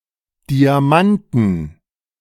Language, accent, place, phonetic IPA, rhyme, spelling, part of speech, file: German, Germany, Berlin, [ˌdiaˈmantn̩], -antn̩, Diamanten, noun, De-Diamanten.ogg
- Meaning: inflection of Diamant: 1. genitive/dative/accusative singular 2. nominative/genitive/dative/accusative plural